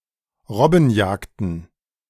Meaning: plural of Robbenjagd
- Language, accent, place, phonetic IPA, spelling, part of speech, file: German, Germany, Berlin, [ˈʁɔbn̩ˌjaːkdn̩], Robbenjagden, noun, De-Robbenjagden.ogg